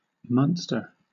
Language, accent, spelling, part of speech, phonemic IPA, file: English, Southern England, Munster, proper noun, /ˈmʌnstəɹ/, LL-Q1860 (eng)-Munster.wav
- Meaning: The southernmost province of Ireland